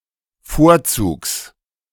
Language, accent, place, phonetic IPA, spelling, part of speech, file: German, Germany, Berlin, [ˈfoːɐ̯ˌt͡suːks], Vorzugs, noun, De-Vorzugs.ogg
- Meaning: genitive singular of Vorzug